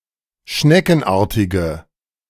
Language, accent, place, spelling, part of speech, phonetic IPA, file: German, Germany, Berlin, schneckenartige, adjective, [ˈʃnɛkn̩ˌʔaːɐ̯tɪɡə], De-schneckenartige.ogg
- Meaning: inflection of schneckenartig: 1. strong/mixed nominative/accusative feminine singular 2. strong nominative/accusative plural 3. weak nominative all-gender singular